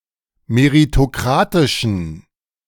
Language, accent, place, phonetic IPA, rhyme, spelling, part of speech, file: German, Germany, Berlin, [meʁitoˈkʁaːtɪʃn̩], -aːtɪʃn̩, meritokratischen, adjective, De-meritokratischen.ogg
- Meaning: inflection of meritokratisch: 1. strong genitive masculine/neuter singular 2. weak/mixed genitive/dative all-gender singular 3. strong/weak/mixed accusative masculine singular 4. strong dative plural